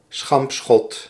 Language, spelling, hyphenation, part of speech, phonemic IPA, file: Dutch, schampschot, schamp‧schot, noun, /ˈsxɑmp.sxɔt/, Nl-schampschot.ogg
- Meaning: grazing shot